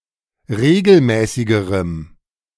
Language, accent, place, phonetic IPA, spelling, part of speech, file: German, Germany, Berlin, [ˈʁeːɡl̩ˌmɛːsɪɡəʁəm], regelmäßigerem, adjective, De-regelmäßigerem.ogg
- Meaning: strong dative masculine/neuter singular comparative degree of regelmäßig